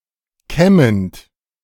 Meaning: present participle of kämmen
- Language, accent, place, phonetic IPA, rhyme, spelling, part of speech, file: German, Germany, Berlin, [ˈkɛmənt], -ɛmənt, kämmend, verb, De-kämmend.ogg